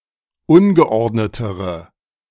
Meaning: inflection of ungeordnet: 1. strong/mixed nominative/accusative feminine singular comparative degree 2. strong nominative/accusative plural comparative degree
- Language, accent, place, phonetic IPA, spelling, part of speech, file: German, Germany, Berlin, [ˈʊnɡəˌʔɔʁdnətəʁə], ungeordnetere, adjective, De-ungeordnetere.ogg